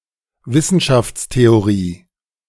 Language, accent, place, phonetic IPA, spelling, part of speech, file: German, Germany, Berlin, [ˈvɪsn̩ʃaft͡steoˌʁiː], Wissenschaftstheorie, noun, De-Wissenschaftstheorie.ogg
- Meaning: philosophy of science